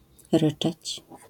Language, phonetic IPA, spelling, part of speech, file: Polish, [ˈrɨt͡ʃɛt͡ɕ], ryczeć, verb, LL-Q809 (pol)-ryczeć.wav